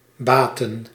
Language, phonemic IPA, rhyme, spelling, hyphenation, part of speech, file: Dutch, /ˈbaːtən/, -aːtən, baatten, baat‧ten, verb, Nl-baatten.ogg
- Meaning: inflection of baten: 1. plural past indicative 2. plural past subjunctive